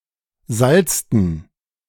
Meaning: inflection of salzen: 1. first/third-person plural preterite 2. first/third-person plural subjunctive II
- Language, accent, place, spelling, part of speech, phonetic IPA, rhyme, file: German, Germany, Berlin, salzten, verb, [ˈzalt͡stn̩], -alt͡stn̩, De-salzten.ogg